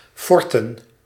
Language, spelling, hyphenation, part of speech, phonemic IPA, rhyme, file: Dutch, forten, for‧ten, noun, /ˈfɔrtən/, -ɔrtən, Nl-forten.ogg
- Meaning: plural of fort